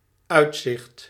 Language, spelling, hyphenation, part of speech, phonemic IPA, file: Dutch, uitzicht, uit‧zicht, noun, /ˈœy̯t.sɪxt/, Nl-uitzicht.ogg
- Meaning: 1. outlook, view (panorama) 2. outlook, prospect (expectation for the future)